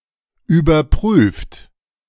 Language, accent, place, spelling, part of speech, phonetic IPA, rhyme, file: German, Germany, Berlin, überprüft, verb, [yːbɐˈpʁyːft], -yːft, De-überprüft.ogg
- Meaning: 1. past participle of überprüfen 2. inflection of überprüfen: third-person singular present 3. inflection of überprüfen: second-person plural present 4. inflection of überprüfen: plural imperative